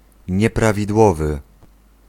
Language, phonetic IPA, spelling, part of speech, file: Polish, [ˌɲɛpravʲidˈwɔvɨ], nieprawidłowy, adjective, Pl-nieprawidłowy.ogg